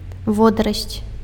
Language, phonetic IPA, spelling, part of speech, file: Belarusian, [ˈvodarasʲt͡sʲ], водарасць, noun, Be-водарасць.ogg
- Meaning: alga